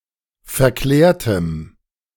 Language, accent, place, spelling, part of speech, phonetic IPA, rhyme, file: German, Germany, Berlin, verklärtem, adjective, [fɛɐ̯ˈklɛːɐ̯təm], -ɛːɐ̯təm, De-verklärtem.ogg
- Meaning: strong dative masculine/neuter singular of verklärt